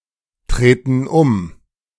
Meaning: inflection of umtreten: 1. first/third-person plural present 2. first/third-person plural subjunctive I
- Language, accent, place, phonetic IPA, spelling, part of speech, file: German, Germany, Berlin, [ˌtʁeːtn̩ ˈʊm], treten um, verb, De-treten um.ogg